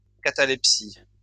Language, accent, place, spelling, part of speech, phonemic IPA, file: French, France, Lyon, catalepsie, noun, /ka.ta.lɛp.si/, LL-Q150 (fra)-catalepsie.wav
- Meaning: catalepsy